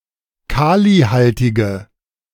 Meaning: inflection of kalihaltig: 1. strong/mixed nominative/accusative feminine singular 2. strong nominative/accusative plural 3. weak nominative all-gender singular
- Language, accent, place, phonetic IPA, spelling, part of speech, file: German, Germany, Berlin, [ˈkaːliˌhaltɪɡə], kalihaltige, adjective, De-kalihaltige.ogg